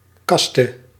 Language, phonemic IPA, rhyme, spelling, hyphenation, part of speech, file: Dutch, /ˈkɑstə/, -ɑstə, kaste, kas‧te, noun, Nl-kaste.ogg
- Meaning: a caste, hereditary Indian socio-religious class (except the 'unclean' lowest) (depreciated in specialist usage)